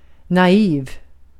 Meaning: naive, childish (lacking experience, wisdom, or judgement)
- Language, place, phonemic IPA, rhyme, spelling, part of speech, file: Swedish, Gotland, /naˈiːv/, -iːv, naiv, adjective, Sv-naiv.ogg